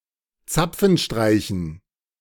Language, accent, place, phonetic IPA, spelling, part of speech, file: German, Germany, Berlin, [ˈt͡sap͡fn̩ˌʃtʁaɪ̯çn̩], Zapfenstreichen, noun, De-Zapfenstreichen.ogg
- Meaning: dative plural of Zapfenstreich